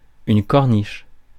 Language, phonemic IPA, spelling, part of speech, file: French, /kɔʁ.niʃ/, corniche, noun, Fr-corniche.ogg
- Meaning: 1. a horizontal moulded projection which crowns or finishes a building or some part of a building or runs round the wall of a room; cornice 2. cliff road, mountain road, corniche 3. ledge